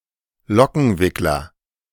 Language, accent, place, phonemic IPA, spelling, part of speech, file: German, Germany, Berlin, /ˈlɔkənˌvɪklər/, Lockenwickler, noun, De-Lockenwickler.ogg
- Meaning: hair roller, curler